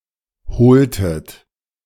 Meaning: inflection of holen: 1. second-person plural preterite 2. second-person plural subjunctive II
- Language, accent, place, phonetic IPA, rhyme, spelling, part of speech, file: German, Germany, Berlin, [ˈhoːltət], -oːltət, holtet, verb, De-holtet.ogg